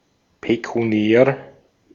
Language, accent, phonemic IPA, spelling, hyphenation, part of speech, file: German, Austria, /pekuˈni̯ɛːr/, pekuniär, pe‧ku‧ni‧är, adjective, De-at-pekuniär.ogg
- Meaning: pecuniary, monetary, financial (pertaining to money)